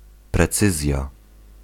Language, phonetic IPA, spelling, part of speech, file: Polish, [prɛˈt͡sɨzʲja], precyzja, noun, Pl-precyzja.ogg